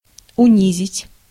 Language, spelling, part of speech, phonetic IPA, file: Russian, унизить, verb, [ʊˈnʲizʲɪtʲ], Ru-унизить.ogg
- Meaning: to humiliate, to abase